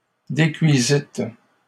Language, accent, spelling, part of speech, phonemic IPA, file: French, Canada, décuisîtes, verb, /de.kɥi.zit/, LL-Q150 (fra)-décuisîtes.wav
- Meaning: second-person plural past historic of décuire